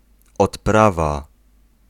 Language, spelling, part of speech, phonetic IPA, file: Polish, odprawa, noun, [ɔtˈprava], Pl-odprawa.ogg